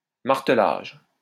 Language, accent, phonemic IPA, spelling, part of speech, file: French, France, /maʁ.tə.laʒ/, martelage, noun, LL-Q150 (fra)-martelage.wav
- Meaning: 1. the act of marteler 2. Forging of metals by hitting them with a hammer 3. Marking of trees that must or must not be cut, usually with a special hammer